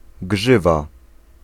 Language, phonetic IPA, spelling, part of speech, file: Polish, [ˈɡʒɨva], grzywa, noun, Pl-grzywa.ogg